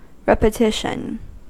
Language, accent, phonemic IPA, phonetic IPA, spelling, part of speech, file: English, US, /ˌɹɛp.əˈtɪʃ.ən/, [ˌɹɛp.əˈtɪʃ.n̩], repetition, noun, En-us-repetition.ogg
- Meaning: 1. The act or an instance of repeating or being repeated 2. The act of performing a single, controlled exercise motion. A group of repetitions is a set